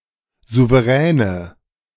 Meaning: nominative/accusative/genitive plural of Souverän
- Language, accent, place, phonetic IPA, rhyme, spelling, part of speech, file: German, Germany, Berlin, [ˌzuveˈʁɛːnə], -ɛːnə, Souveräne, noun, De-Souveräne.ogg